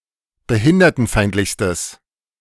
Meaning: strong/mixed nominative/accusative neuter singular superlative degree of behindertenfeindlich
- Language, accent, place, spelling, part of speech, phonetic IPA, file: German, Germany, Berlin, behindertenfeindlichstes, adjective, [bəˈhɪndɐtn̩ˌfaɪ̯ntlɪçstəs], De-behindertenfeindlichstes.ogg